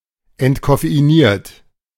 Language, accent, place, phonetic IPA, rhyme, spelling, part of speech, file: German, Germany, Berlin, [ɛntkɔfeiˈniːɐ̯t], -iːɐ̯t, entkoffeiniert, verb, De-entkoffeiniert.ogg
- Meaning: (verb) past participle of entkoffeinieren; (adjective) decaffeinated